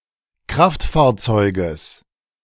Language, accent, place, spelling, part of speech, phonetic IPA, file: German, Germany, Berlin, Kraftfahrzeuges, noun, [ˈkʁaftfaːɐ̯ˌt͡sɔɪ̯ɡəs], De-Kraftfahrzeuges.ogg
- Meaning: genitive singular of Kraftfahrzeug